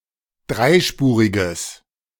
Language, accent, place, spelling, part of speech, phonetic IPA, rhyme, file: German, Germany, Berlin, dreispuriges, adjective, [ˈdʁaɪ̯ˌʃpuːʁɪɡəs], -aɪ̯ʃpuːʁɪɡəs, De-dreispuriges.ogg
- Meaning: strong/mixed nominative/accusative neuter singular of dreispurig